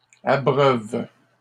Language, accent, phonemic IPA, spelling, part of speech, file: French, Canada, /a.bʁœv/, abreuvent, verb, LL-Q150 (fra)-abreuvent.wav
- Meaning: third-person plural present indicative/subjunctive of abreuver